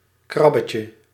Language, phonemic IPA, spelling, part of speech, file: Dutch, /ˈkrɑbəcə/, krabbetje, noun, Nl-krabbetje.ogg
- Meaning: diminutive of krab